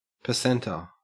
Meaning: 1. A member of a group that forms a specified percentage of a population 2. An agent
- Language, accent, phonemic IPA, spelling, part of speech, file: English, Australia, /pəˈsen.tə/, percenter, noun, En-au-percenter.ogg